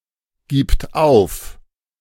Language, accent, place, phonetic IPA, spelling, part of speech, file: German, Germany, Berlin, [ˌɡiːpt ˈaʊ̯f], gibt auf, verb, De-gibt auf.ogg
- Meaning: third-person singular present of aufgeben